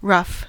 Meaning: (adjective) 1. Not smooth; uneven 2. Approximate; hasty or careless; not finished 3. Turbulent 4. Difficult; trying 5. Crude; unrefined 6. Worn; shabby; weather-beaten
- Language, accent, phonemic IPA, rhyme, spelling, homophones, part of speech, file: English, US, /ɹʌf/, -ʌf, rough, ruff, adjective / noun / verb / adverb, En-us-rough.ogg